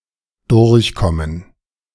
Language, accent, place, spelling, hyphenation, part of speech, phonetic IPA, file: German, Germany, Berlin, durchkommen, durch‧kom‧men, verb, [ˈdʊʁçˌkɔmən], De-durchkommen.ogg
- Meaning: 1. to come through, to pass through 2. to pass, to get through 3. to get by, to get along 4. to get away with 5. to become apparent